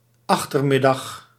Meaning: 1. late afternoon 2. afternoon (period between noon and 6 PM)
- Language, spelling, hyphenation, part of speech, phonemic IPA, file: Dutch, achtermiddag, ach‧ter‧mid‧dag, noun, /ˈɑx.tərˌmɪ.dɑx/, Nl-achtermiddag.ogg